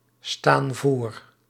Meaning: inflection of voorstaan: 1. plural present indicative 2. plural present subjunctive
- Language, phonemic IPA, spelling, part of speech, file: Dutch, /ˈstan ˈvor/, staan voor, verb, Nl-staan voor.ogg